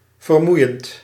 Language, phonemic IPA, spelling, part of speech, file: Dutch, /vərˈmujənt/, vermoeiend, verb / adjective, Nl-vermoeiend.ogg
- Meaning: present participle of vermoeien